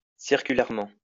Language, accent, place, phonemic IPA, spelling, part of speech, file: French, France, Lyon, /siʁ.ky.lɛʁ.mɑ̃/, circulairement, adverb, LL-Q150 (fra)-circulairement.wav
- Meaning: circularly